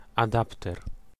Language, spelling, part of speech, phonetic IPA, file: Polish, adapter, noun, [aˈdaptɛr], Pl-adapter.ogg